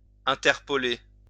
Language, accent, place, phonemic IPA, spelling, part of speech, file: French, France, Lyon, /ɛ̃.tɛʁ.pɔ.le/, interpoler, verb, LL-Q150 (fra)-interpoler.wav
- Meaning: to interpolate